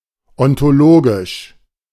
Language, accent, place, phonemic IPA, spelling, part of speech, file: German, Germany, Berlin, /ɔntoˈloːɡɪʃ/, ontologisch, adjective, De-ontologisch.ogg
- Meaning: ontological